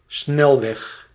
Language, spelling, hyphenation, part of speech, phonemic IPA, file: Dutch, snelweg, snel‧weg, noun, /ˈsnɛl.ʋɛx/, Nl-snelweg.ogg
- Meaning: highway (major thoroughfare road)